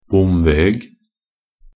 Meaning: alternative spelling of bomvei
- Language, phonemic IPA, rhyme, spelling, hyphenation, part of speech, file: Norwegian Bokmål, /ˈbʊmʋeːɡ/, -eːɡ, bomveg, bom‧veg, noun, Nb-bomveg.ogg